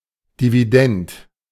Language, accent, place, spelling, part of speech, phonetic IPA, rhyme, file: German, Germany, Berlin, Dividend, noun, [diviˈdɛnt], -ɛnt, De-Dividend.ogg
- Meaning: dividend